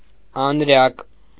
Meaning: clavicle, collarbone
- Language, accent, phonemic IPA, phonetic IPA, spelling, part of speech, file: Armenian, Eastern Armenian, /ɑnˈɾɑk/, [ɑnɾɑ́k], անրակ, noun, Hy-անրակ.ogg